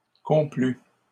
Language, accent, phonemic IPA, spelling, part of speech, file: French, Canada, /kɔ̃.ply/, complus, verb, LL-Q150 (fra)-complus.wav
- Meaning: 1. first/second-person singular past historic of complaire 2. masculine plural of complu